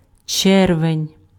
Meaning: June
- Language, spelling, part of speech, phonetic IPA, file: Ukrainian, червень, noun, [ˈt͡ʃɛrʋenʲ], Uk-червень.ogg